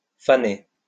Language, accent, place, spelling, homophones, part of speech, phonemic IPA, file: French, France, Lyon, faonner, faner, verb, /fa.ne/, LL-Q150 (fra)-faonner.wav
- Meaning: to fawn; to give birth to a fawn, or young deer